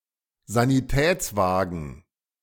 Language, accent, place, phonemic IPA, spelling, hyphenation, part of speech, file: German, Germany, Berlin, /zaniˈtɛːt͡sˌvaːɡn̩/, Sanitätswagen, Sa‧ni‧täts‧wa‧gen, noun, De-Sanitätswagen.ogg
- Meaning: ambulance